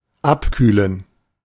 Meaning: to cool off, to cool down
- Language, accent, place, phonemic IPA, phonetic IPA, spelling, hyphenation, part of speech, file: German, Germany, Berlin, /ˈapˌkyːlən/, [ˈʔapˌkyːln], abkühlen, ab‧küh‧len, verb, De-abkühlen.ogg